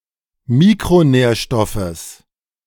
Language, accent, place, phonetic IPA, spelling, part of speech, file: German, Germany, Berlin, [ˈmiːkʁoˌnɛːɐ̯ʃtɔfəs], Mikronährstoffes, noun, De-Mikronährstoffes.ogg
- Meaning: genitive singular of Mikronährstoff